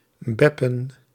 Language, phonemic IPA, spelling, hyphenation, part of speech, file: Dutch, /ˈbɛ.pə(n)/, beppen, bep‧pen, verb, Nl-beppen.ogg
- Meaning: to chit-chat, to blab